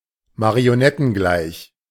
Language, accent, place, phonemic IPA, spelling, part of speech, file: German, Germany, Berlin, /maʁi̯oˈnɛtn̩ˌɡlaɪ̯ç/, marionettengleich, adjective, De-marionettengleich.ogg
- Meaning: puppet